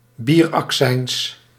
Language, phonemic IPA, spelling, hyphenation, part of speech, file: Dutch, /ˈbir.ɑkˌsɛɪns/, bieraccijns, bier‧ac‧cijns, noun, Nl-bieraccijns.ogg
- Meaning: excise tax on beer